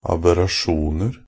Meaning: indefinite plural of aberrasjon
- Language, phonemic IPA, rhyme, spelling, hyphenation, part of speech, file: Norwegian Bokmål, /abɛraˈʃuːnər/, -ər, aberrasjoner, ab‧er‧ra‧sjon‧er, noun, NB - Pronunciation of Norwegian Bokmål «aberrasjoner».ogg